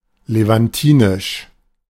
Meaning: Levantine
- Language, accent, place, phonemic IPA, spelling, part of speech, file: German, Germany, Berlin, /levanˈtiːnɪʃ/, levantinisch, adjective, De-levantinisch.ogg